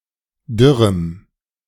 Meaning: strong dative masculine/neuter singular of dürr
- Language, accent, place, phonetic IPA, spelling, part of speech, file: German, Germany, Berlin, [ˈdʏʁəm], dürrem, adjective, De-dürrem.ogg